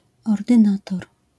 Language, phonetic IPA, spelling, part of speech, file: Polish, [ˌɔrdɨ̃ˈnatɔr], ordynator, noun, LL-Q809 (pol)-ordynator.wav